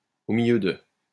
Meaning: in the middle of
- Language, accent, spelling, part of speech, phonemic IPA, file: French, France, au milieu de, adverb, /o mi.ljø də/, LL-Q150 (fra)-au milieu de.wav